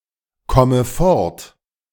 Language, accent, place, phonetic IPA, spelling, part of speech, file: German, Germany, Berlin, [ˌkɔmə ˈfɔʁt], komme fort, verb, De-komme fort.ogg
- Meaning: inflection of fortkommen: 1. first-person singular present 2. first/third-person singular subjunctive I 3. singular imperative